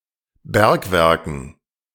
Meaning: dative plural of Bergwerk
- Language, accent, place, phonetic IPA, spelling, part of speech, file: German, Germany, Berlin, [ˈbɛʁkˌvɛʁkn̩], Bergwerken, noun, De-Bergwerken.ogg